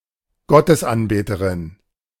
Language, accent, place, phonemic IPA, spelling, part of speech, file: German, Germany, Berlin, /ˈɡɔ.təsˌ(ʔ)anˌbeː.tə.ʁɪn/, Gottesanbeterin, noun, De-Gottesanbeterin.ogg
- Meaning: mantis, praying mantis